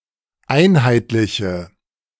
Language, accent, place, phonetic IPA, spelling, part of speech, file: German, Germany, Berlin, [ˈaɪ̯nhaɪ̯tlɪçə], einheitliche, adjective, De-einheitliche.ogg
- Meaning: inflection of einheitlich: 1. strong/mixed nominative/accusative feminine singular 2. strong nominative/accusative plural 3. weak nominative all-gender singular